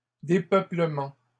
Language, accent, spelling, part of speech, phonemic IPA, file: French, Canada, dépeuplements, noun, /de.pœ.plə.mɑ̃/, LL-Q150 (fra)-dépeuplements.wav
- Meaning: plural of dépeuplement